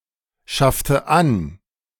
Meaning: inflection of anschaffen: 1. first/third-person singular preterite 2. first/third-person singular subjunctive II
- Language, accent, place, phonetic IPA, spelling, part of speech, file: German, Germany, Berlin, [ˌʃaftə ˈan], schaffte an, verb, De-schaffte an.ogg